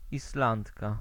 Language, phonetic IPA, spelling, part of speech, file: Polish, [isˈlãntka], Islandka, noun, Pl-Islandka.ogg